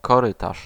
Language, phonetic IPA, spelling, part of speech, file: Polish, [kɔˈrɨtaʃ], korytarz, noun, Pl-korytarz.ogg